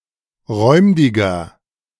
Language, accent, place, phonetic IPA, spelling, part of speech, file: German, Germany, Berlin, [ˈʁɔɪ̯mdɪɡɐ], räumdiger, adjective, De-räumdiger.ogg
- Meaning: 1. comparative degree of räumdig 2. inflection of räumdig: strong/mixed nominative masculine singular 3. inflection of räumdig: strong genitive/dative feminine singular